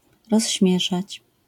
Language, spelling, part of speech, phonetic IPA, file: Polish, rozśmieszać, verb, [rɔɕˈːmʲjɛʃat͡ɕ], LL-Q809 (pol)-rozśmieszać.wav